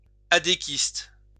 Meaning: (noun) a member of Action démocratique du Québec; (adjective) of Action démocratique du Québec
- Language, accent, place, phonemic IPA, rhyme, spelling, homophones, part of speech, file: French, France, Lyon, /a.de.kist/, -ist, adéquiste, adéquistes, noun / adjective, LL-Q150 (fra)-adéquiste.wav